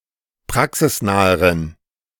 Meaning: inflection of praxisnah: 1. strong genitive masculine/neuter singular comparative degree 2. weak/mixed genitive/dative all-gender singular comparative degree
- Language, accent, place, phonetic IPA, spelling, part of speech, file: German, Germany, Berlin, [ˈpʁaksɪsˌnaːəʁən], praxisnaheren, adjective, De-praxisnaheren.ogg